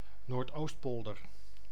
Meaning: Noordoostpolder (a polder and municipality of Flevoland, Netherlands)
- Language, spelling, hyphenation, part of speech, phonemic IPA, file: Dutch, Noordoostpolder, Noord‧oost‧pol‧der, proper noun, /noːrtˈoːstˌpɔl.dər/, Nl-Noordoostpolder.ogg